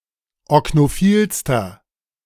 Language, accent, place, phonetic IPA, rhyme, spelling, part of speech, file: German, Germany, Berlin, [ɔknoˈfiːlstɐ], -iːlstɐ, oknophilster, adjective, De-oknophilster.ogg
- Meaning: inflection of oknophil: 1. strong/mixed nominative masculine singular superlative degree 2. strong genitive/dative feminine singular superlative degree 3. strong genitive plural superlative degree